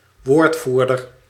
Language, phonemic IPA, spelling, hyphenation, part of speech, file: Dutch, /ˈʋoːrtˌvur.dər/, woordvoerder, woord‧voer‧der, noun, Nl-woordvoerder.ogg
- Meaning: spokesman or spokesperson (male or unspecified)